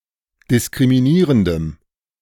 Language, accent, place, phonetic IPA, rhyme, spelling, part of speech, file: German, Germany, Berlin, [dɪskʁimiˈniːʁəndəm], -iːʁəndəm, diskriminierendem, adjective, De-diskriminierendem.ogg
- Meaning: strong dative masculine/neuter singular of diskriminierend